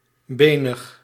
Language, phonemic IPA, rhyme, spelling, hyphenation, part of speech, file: Dutch, /ˈbeː.nəx/, -eːnəx, benig, be‧nig, adjective, Nl-benig.ogg
- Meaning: 1. bony, osseous 2. skinny, bony